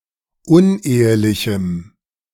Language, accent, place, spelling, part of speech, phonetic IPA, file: German, Germany, Berlin, unehelichem, adjective, [ˈʊnˌʔeːəlɪçm̩], De-unehelichem.ogg
- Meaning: strong dative masculine/neuter singular of unehelich